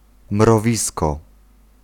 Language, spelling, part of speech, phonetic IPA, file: Polish, mrowisko, noun, [mrɔˈvʲiskɔ], Pl-mrowisko.ogg